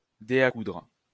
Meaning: thimble (a protective cap for the finger)
- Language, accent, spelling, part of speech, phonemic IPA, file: French, France, dé à coudre, noun, /de a kudʁ/, LL-Q150 (fra)-dé à coudre.wav